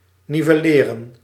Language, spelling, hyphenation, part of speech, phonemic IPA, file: Dutch, nivelleren, ni‧vel‧le‧ren, verb, /ˌni.vəˈleː.rə(n)/, Nl-nivelleren.ogg
- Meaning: 1. to level economically 2. to level, to equalise, to flatten (physically or figuratively in senses not relating to economic distribution)